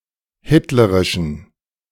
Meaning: inflection of hitlerisch: 1. strong genitive masculine/neuter singular 2. weak/mixed genitive/dative all-gender singular 3. strong/weak/mixed accusative masculine singular 4. strong dative plural
- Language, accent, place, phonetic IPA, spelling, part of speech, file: German, Germany, Berlin, [ˈhɪtləʁɪʃn̩], hitlerischen, adjective, De-hitlerischen.ogg